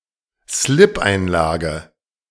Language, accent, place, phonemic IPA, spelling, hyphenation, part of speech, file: German, Germany, Berlin, /ˈslɪp.(ʔ)aɪ̯nˌlaːɡə/, Slipeinlage, Slip‧ein‧la‧ge, noun, De-Slipeinlage.ogg
- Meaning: pantyliner